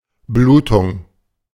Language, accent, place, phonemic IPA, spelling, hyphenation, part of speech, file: German, Germany, Berlin, /ˈbluːtʊŋ/, Blutung, Blu‧tung, noun, De-Blutung.ogg
- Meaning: 1. bleeding (the flow or loss of blood from a damaged blood vessel) 2. hemorrhage (a heavy release of blood within or from the body)